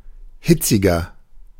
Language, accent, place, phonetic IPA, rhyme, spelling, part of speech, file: German, Germany, Berlin, [ˈhɪt͡sɪɡɐ], -ɪt͡sɪɡɐ, hitziger, adjective, De-hitziger.ogg
- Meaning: 1. comparative degree of hitzig 2. inflection of hitzig: strong/mixed nominative masculine singular 3. inflection of hitzig: strong genitive/dative feminine singular